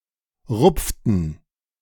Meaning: inflection of rupfen: 1. first/third-person plural preterite 2. first/third-person plural subjunctive II
- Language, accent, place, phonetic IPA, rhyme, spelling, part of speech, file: German, Germany, Berlin, [ˈʁʊp͡ftn̩], -ʊp͡ftn̩, rupften, verb, De-rupften.ogg